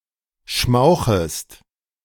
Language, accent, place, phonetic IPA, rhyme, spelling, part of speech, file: German, Germany, Berlin, [ˈʃmaʊ̯xəst], -aʊ̯xəst, schmauchest, verb, De-schmauchest.ogg
- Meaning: second-person singular subjunctive I of schmauchen